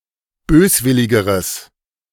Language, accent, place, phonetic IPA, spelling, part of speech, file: German, Germany, Berlin, [ˈbøːsˌvɪlɪɡəʁəs], böswilligeres, adjective, De-böswilligeres.ogg
- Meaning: strong/mixed nominative/accusative neuter singular comparative degree of böswillig